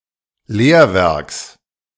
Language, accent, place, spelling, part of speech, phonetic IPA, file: German, Germany, Berlin, Lehrwerks, noun, [ˈleːɐ̯ˌvɛʁks], De-Lehrwerks.ogg
- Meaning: genitive singular of Lehrwerk